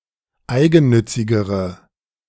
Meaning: inflection of eigennützig: 1. strong/mixed nominative/accusative feminine singular comparative degree 2. strong nominative/accusative plural comparative degree
- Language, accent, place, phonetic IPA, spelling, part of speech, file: German, Germany, Berlin, [ˈaɪ̯ɡn̩ˌnʏt͡sɪɡəʁə], eigennützigere, adjective, De-eigennützigere.ogg